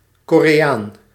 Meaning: Korean (person from Korea, person of Korean descent)
- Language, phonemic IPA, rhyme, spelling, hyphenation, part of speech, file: Dutch, /ˌkoː.reːˈaːn/, -aːn, Koreaan, Ko‧re‧aan, noun, Nl-Koreaan.ogg